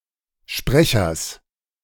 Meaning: genitive singular of Sprecher
- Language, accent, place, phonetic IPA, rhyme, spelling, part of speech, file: German, Germany, Berlin, [ˈʃpʁɛçɐs], -ɛçɐs, Sprechers, noun, De-Sprechers.ogg